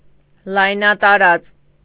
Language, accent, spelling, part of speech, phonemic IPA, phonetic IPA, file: Armenian, Eastern Armenian, լայնատարած, adjective, /lɑjnɑtɑˈɾɑt͡s/, [lɑjnɑtɑɾɑ́t͡s], Hy-լայնատարած.ogg
- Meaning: 1. expansive, wide, broad 2. wide-open, outspread, outstretched 3. elongated, extended, stretched 4. widespread, far-reaching